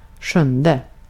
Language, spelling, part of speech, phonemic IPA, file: Swedish, sjunde, numeral, /ˈɧɵnˌdɛ/, Sv-sjunde.ogg
- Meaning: seventh